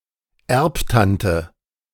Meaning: rich aunt (an aunt from whom inheritance is expected)
- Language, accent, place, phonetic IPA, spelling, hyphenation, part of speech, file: German, Germany, Berlin, [ˈɛʁpˌtantə], Erbtante, Erb‧tan‧te, noun, De-Erbtante.ogg